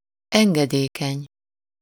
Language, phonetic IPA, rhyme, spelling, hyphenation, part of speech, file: Hungarian, [ˈɛŋɡɛdeːkɛɲ], -ɛɲ, engedékeny, en‧ge‧dé‧keny, adjective, Hu-engedékeny.ogg
- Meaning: 1. compliant, submissive (willing to comply; willing to do what someone wants) 2. lenient, forgiving